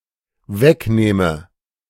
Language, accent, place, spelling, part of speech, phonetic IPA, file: German, Germany, Berlin, wegnehme, verb, [ˈvɛkˌneːmə], De-wegnehme.ogg
- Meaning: inflection of wegnehmen: 1. first-person singular dependent present 2. first/third-person singular dependent subjunctive I